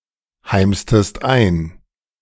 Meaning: inflection of einheimsen: 1. second-person singular preterite 2. second-person singular subjunctive II
- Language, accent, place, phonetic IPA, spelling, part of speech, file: German, Germany, Berlin, [ˌhaɪ̯mstəst ˈaɪ̯n], heimstest ein, verb, De-heimstest ein.ogg